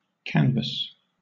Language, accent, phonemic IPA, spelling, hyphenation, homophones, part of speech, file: English, Southern England, /ˈkænvəs/, canvass, can‧vass, canvas, verb / noun, LL-Q1860 (eng)-canvass.wav
- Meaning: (verb) To thoroughly examine or investigate (something) physically or by discussion; to debate, to gather opinion, to scrutinize